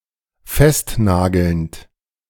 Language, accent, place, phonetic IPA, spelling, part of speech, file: German, Germany, Berlin, [ˈfɛstˌnaːɡl̩nt], festnagelnd, verb, De-festnagelnd.ogg
- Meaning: present participle of festnageln